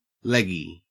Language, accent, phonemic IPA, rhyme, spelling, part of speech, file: English, Australia, /ˈlɛɡi/, -ɛɡi, leggy, adjective / noun, En-au-leggy.ogg
- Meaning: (adjective) 1. Having long, attractive legs; long-legged 2. Exposing the bare or pantyhose-clad legs, especially the thighs 3. Having numerous legs 4. Taller or longer than usual